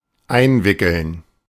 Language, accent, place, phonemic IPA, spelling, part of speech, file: German, Germany, Berlin, /ˈaɪ̯nˌvɪkəln/, einwickeln, verb, De-einwickeln.ogg
- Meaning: 1. to envelop, wrap up, wrap (enclose in fabric, paper, etc.) 2. to fool, take in (deceive, hoodwink)